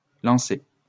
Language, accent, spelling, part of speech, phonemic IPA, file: French, France, lançaient, verb, /lɑ̃.sɛ/, LL-Q150 (fra)-lançaient.wav
- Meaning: third-person plural imperfect indicative of lancer